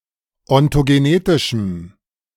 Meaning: strong dative masculine/neuter singular of ontogenetisch
- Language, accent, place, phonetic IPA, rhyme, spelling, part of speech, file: German, Germany, Berlin, [ɔntoɡeˈneːtɪʃm̩], -eːtɪʃm̩, ontogenetischem, adjective, De-ontogenetischem.ogg